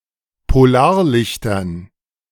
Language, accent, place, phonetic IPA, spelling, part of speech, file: German, Germany, Berlin, [poˈlaːɐ̯ˌlɪçtɐn], Polarlichtern, noun, De-Polarlichtern.ogg
- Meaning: dative plural of Polarlicht